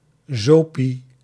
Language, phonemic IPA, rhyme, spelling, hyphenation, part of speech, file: Dutch, /ˈzoː.pi/, -oːpi, zopie, zo‧pie, noun, Nl-zopie.ogg
- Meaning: a heated and spiced alcohol beverage made of beer, rum and eggs that was sold and drunk during ice skating in early modern times